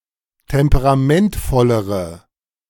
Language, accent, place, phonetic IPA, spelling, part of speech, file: German, Germany, Berlin, [ˌtɛmpəʁaˈmɛntfɔləʁə], temperamentvollere, adjective, De-temperamentvollere.ogg
- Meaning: inflection of temperamentvoll: 1. strong/mixed nominative/accusative feminine singular comparative degree 2. strong nominative/accusative plural comparative degree